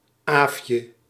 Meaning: a diminutive of the female given name Agatha
- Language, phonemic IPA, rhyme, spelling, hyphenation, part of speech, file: Dutch, /ˈaːfjə/, -aːfjə, Aafje, Aafje, proper noun, Nl-Aafje.ogg